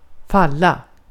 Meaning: 1. to fall 2. to fall (die, especially in battle)
- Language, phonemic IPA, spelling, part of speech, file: Swedish, /²falːa/, falla, verb, Sv-falla.ogg